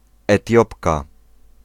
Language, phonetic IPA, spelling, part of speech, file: Polish, [ɛˈtʲjɔpka], Etiopka, noun, Pl-Etiopka.ogg